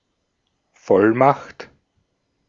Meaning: power of attorney
- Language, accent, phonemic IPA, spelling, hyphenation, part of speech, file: German, Austria, /ˈfɔlmaxt/, Vollmacht, Voll‧macht, noun, De-at-Vollmacht.ogg